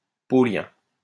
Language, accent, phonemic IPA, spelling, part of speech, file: French, France, /pɔ.ljɛ̃/, paulien, adjective, LL-Q150 (fra)-paulien.wav
- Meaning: taken against a fraudulent debtor